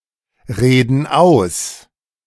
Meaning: inflection of ausreden: 1. first/third-person plural present 2. first/third-person plural subjunctive I
- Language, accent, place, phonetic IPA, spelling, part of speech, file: German, Germany, Berlin, [ˌʁeːdn̩ ˈaʊ̯s], reden aus, verb, De-reden aus.ogg